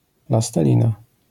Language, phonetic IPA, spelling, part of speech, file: Polish, [ˌplastɛˈlʲĩna], plastelina, noun, LL-Q809 (pol)-plastelina.wav